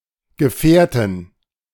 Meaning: 1. genitive dative accusative singular of Gefährte 2. nominative genitive dative accusative plural of Gefährte 3. dative plural of Gefährt n sg
- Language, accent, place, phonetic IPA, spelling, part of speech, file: German, Germany, Berlin, [ɡəˈfɛːɐ̯tən], Gefährten, noun, De-Gefährten.ogg